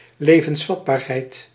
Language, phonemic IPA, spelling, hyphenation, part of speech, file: Dutch, /ˌleː.və(n)sˈfɑt.baːr.ɦɛi̯t/, levensvatbaarheid, le‧vens‧vat‧baar‧heid, noun, Nl-levensvatbaarheid.ogg
- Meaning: viability